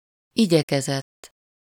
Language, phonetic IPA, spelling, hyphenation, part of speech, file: Hungarian, [ˈiɟɛkɛzɛtː], igyekezett, igye‧ke‧zett, verb, Hu-igyekezett.ogg
- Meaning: third-person singular indicative past indefinite of igyekszik or igyekezik